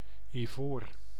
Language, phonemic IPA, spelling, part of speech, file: Dutch, /iˈvor/, ivoor, noun, Nl-ivoor.ogg
- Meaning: 1. ivory, a hard natural material from elephant tusks and some other mammals' teeth 2. an ivory artifact 3. the color of ivory